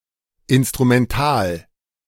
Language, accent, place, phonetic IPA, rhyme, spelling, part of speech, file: German, Germany, Berlin, [ˌɪnstʁumɛnˈtaːl], -aːl, instrumental, adjective, De-instrumental.ogg
- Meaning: instrumental